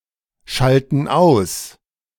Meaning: inflection of ausschalten: 1. first/third-person plural present 2. first/third-person plural subjunctive I
- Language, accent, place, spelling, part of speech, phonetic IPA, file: German, Germany, Berlin, schalten aus, verb, [ˌʃaltn̩ ˈaʊ̯s], De-schalten aus.ogg